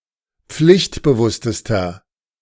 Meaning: inflection of pflichtbewusst: 1. strong/mixed nominative masculine singular superlative degree 2. strong genitive/dative feminine singular superlative degree
- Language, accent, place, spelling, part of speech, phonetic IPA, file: German, Germany, Berlin, pflichtbewusstester, adjective, [ˈp͡flɪçtbəˌvʊstəstɐ], De-pflichtbewusstester.ogg